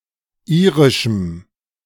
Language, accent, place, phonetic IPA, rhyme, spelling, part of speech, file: German, Germany, Berlin, [ˈiːʁɪʃm̩], -iːʁɪʃm̩, irischem, adjective, De-irischem.ogg
- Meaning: strong dative masculine/neuter singular of irisch